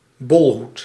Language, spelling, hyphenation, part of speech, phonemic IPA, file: Dutch, bolhoed, bol‧hoed, noun, /ˈbɔl.ɦut/, Nl-bolhoed.ogg
- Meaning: bowler hat